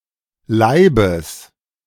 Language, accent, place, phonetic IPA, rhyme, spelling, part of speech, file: German, Germany, Berlin, [ˈlaɪ̯bəs], -aɪ̯bəs, Laibes, noun, De-Laibes.ogg
- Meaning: genitive singular of Laib